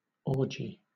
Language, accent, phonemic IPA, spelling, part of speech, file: English, Southern England, /ˈɔː.d͡ʒi/, orgy, noun, LL-Q1860 (eng)-orgy.wav